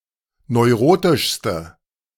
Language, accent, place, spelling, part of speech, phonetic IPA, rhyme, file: German, Germany, Berlin, neurotischste, adjective, [nɔɪ̯ˈʁoːtɪʃstə], -oːtɪʃstə, De-neurotischste.ogg
- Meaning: inflection of neurotisch: 1. strong/mixed nominative/accusative feminine singular superlative degree 2. strong nominative/accusative plural superlative degree